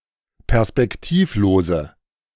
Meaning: inflection of perspektivlos: 1. strong/mixed nominative/accusative feminine singular 2. strong nominative/accusative plural 3. weak nominative all-gender singular
- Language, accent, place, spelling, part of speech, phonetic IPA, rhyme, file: German, Germany, Berlin, perspektivlose, adjective, [pɛʁspɛkˈtiːfˌloːzə], -iːfloːzə, De-perspektivlose.ogg